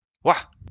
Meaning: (adverb) yeah, yep, yup; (interjection) 1. wow! 2. woof, the sound of a dog's bark
- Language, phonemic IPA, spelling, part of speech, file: French, /wa/, ouah, adverb / interjection, LL-Q150 (fra)-ouah.wav